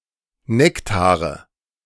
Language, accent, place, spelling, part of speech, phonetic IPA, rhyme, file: German, Germany, Berlin, Nektare, noun, [ˈnɛktaːʁə], -ɛktaːʁə, De-Nektare.ogg
- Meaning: nominative/accusative/genitive plural of Nektar